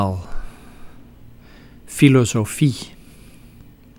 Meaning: philosophy
- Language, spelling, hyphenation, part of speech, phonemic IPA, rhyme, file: Dutch, filosofie, fi‧lo‧so‧fie, noun, /ˌfi.loː.soːˈfi/, -i, Nl-filosofie.ogg